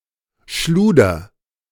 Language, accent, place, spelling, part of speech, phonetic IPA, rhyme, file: German, Germany, Berlin, schluder, verb, [ˈʃluːdɐ], -uːdɐ, De-schluder.ogg
- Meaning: inflection of schludern: 1. first-person singular present 2. singular imperative